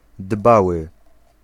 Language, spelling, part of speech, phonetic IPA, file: Polish, dbały, adjective / verb, [ˈdbawɨ], Pl-dbały.ogg